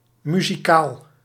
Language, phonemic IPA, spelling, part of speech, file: Dutch, /my.zi.ˈkaːl/, muzikaal, adjective, Nl-muzikaal.ogg
- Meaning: 1. musical 2. musically gifted